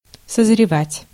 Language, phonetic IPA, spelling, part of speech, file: Russian, [səzrʲɪˈvatʲ], созревать, verb, Ru-созревать.ogg
- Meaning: 1. to ripen, to mature 2. to mature 3. to mature, to take shape